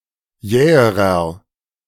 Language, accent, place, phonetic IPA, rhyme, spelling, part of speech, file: German, Germany, Berlin, [ˈjɛːəʁɐ], -ɛːəʁɐ, jäherer, adjective, De-jäherer.ogg
- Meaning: inflection of jäh: 1. strong/mixed nominative masculine singular comparative degree 2. strong genitive/dative feminine singular comparative degree 3. strong genitive plural comparative degree